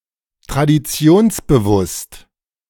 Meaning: tradition-conscious
- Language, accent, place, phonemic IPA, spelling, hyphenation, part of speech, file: German, Germany, Berlin, /tʁadiˈt͡si̯oːnsbəˌvʊst/, traditionsbewusst, tra‧di‧ti‧ons‧be‧wusst, adjective, De-traditionsbewusst.ogg